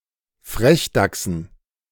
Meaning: dative plural of Frechdachs
- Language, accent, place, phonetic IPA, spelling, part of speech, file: German, Germany, Berlin, [ˈfʁɛçˌdaksn̩], Frechdachsen, noun, De-Frechdachsen.ogg